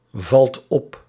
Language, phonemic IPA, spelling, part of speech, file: Dutch, /ˈvɑlt ˈɔp/, valt op, verb, Nl-valt op.ogg
- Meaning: inflection of opvallen: 1. second/third-person singular present indicative 2. plural imperative